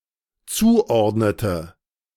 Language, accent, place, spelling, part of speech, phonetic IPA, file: German, Germany, Berlin, zuordnete, verb, [ˈt͡suːˌʔɔʁdnətə], De-zuordnete.ogg
- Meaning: inflection of zuordnen: 1. first/third-person singular dependent preterite 2. first/third-person singular dependent subjunctive II